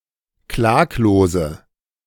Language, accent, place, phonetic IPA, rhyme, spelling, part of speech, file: German, Germany, Berlin, [ˈklaːkloːzə], -aːkloːzə, klaglose, adjective, De-klaglose.ogg
- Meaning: inflection of klaglos: 1. strong/mixed nominative/accusative feminine singular 2. strong nominative/accusative plural 3. weak nominative all-gender singular 4. weak accusative feminine/neuter singular